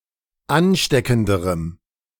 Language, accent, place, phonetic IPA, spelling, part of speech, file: German, Germany, Berlin, [ˈanˌʃtɛkn̩dəʁəm], ansteckenderem, adjective, De-ansteckenderem.ogg
- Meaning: strong dative masculine/neuter singular comparative degree of ansteckend